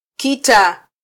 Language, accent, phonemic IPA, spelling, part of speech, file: Swahili, Kenya, /ˈki.tɑ/, kita, noun / verb, Sw-ke-kita.flac
- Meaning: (noun) a war, a battle; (verb) to stand one's ground